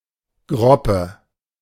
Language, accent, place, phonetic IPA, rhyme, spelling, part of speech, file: German, Germany, Berlin, [ˈɡʁɔpə], -ɔpə, Groppe, noun, De-Groppe.ogg
- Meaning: sculpin, European bullhead